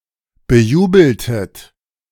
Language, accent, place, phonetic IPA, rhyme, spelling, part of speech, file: German, Germany, Berlin, [bəˈjuːbl̩tət], -uːbl̩tət, bejubeltet, verb, De-bejubeltet.ogg
- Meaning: inflection of bejubeln: 1. second-person plural preterite 2. second-person plural subjunctive II